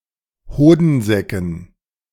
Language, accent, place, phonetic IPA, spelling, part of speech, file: German, Germany, Berlin, [ˈhoːdn̩ˌzɛkn̩], Hodensäcken, noun, De-Hodensäcken.ogg
- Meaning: dative plural of Hodensack